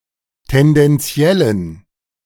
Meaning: inflection of tendenziell: 1. strong genitive masculine/neuter singular 2. weak/mixed genitive/dative all-gender singular 3. strong/weak/mixed accusative masculine singular 4. strong dative plural
- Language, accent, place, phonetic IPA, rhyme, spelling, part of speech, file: German, Germany, Berlin, [tɛndɛnˈt͡si̯ɛlən], -ɛlən, tendenziellen, adjective, De-tendenziellen.ogg